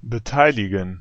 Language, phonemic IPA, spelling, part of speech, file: German, /bəˈtaɪ̯lɪɡən/, beteiligen, verb, De-beteiligen.ogg
- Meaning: 1. to let someone take part in something 2. participate